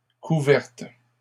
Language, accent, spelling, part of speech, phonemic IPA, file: French, Canada, couvertes, verb, /ku.vɛʁt/, LL-Q150 (fra)-couvertes.wav
- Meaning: feminine plural of couvert